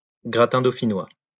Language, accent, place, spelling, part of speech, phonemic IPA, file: French, France, Lyon, gratin dauphinois, noun, /ɡʁa.tɛ̃ do.fi.nwa/, LL-Q150 (fra)-gratin dauphinois.wav
- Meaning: gratin dauphinois(French dish based on potatoes and crème fraîche, from the Dauphiné region)